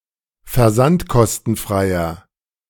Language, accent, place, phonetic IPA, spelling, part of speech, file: German, Germany, Berlin, [fɛɐ̯ˈzantkɔstn̩ˌfʁaɪ̯ɐ], versandkostenfreier, adjective, De-versandkostenfreier.ogg
- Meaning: inflection of versandkostenfrei: 1. strong/mixed nominative masculine singular 2. strong genitive/dative feminine singular 3. strong genitive plural